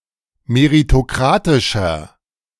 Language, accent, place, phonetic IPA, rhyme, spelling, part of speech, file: German, Germany, Berlin, [meʁitoˈkʁaːtɪʃɐ], -aːtɪʃɐ, meritokratischer, adjective, De-meritokratischer.ogg
- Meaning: inflection of meritokratisch: 1. strong/mixed nominative masculine singular 2. strong genitive/dative feminine singular 3. strong genitive plural